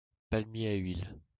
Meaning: oil palm
- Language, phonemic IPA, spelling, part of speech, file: French, /pal.mje a ɥil/, palmier à huile, noun, LL-Q150 (fra)-palmier à huile.wav